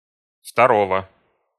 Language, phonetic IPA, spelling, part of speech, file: Russian, [ftɐˈrovə], второго, noun, Ru-второго.ogg
- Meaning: genitive singular of второ́е (vtoróje)